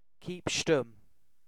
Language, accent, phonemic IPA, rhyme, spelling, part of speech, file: English, Received Pronunciation, /ʃtʊm/, -ʊm, shtum, adjective, En-uk-shtum.oga
- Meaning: Silent; speechless; dumb